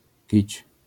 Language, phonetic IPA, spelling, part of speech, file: Polish, [cit͡ɕ], kić, noun, LL-Q809 (pol)-kić.wav